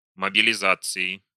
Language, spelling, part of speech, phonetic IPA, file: Russian, мобилизации, noun, [məbʲɪlʲɪˈzat͡sɨɪ], Ru-мобилизации.ogg
- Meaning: inflection of мобилиза́ция (mobilizácija): 1. genitive/dative/prepositional singular 2. nominative/accusative plural